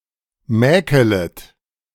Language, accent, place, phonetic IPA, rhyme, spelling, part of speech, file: German, Germany, Berlin, [ˈmɛːkələt], -ɛːkələt, mäkelet, verb, De-mäkelet.ogg
- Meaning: second-person plural subjunctive I of mäkeln